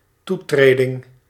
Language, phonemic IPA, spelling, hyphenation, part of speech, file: Dutch, /ˈtuˌtreː.dɪŋ/, toetreding, toe‧tre‧ding, noun, Nl-toetreding.ogg
- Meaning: accession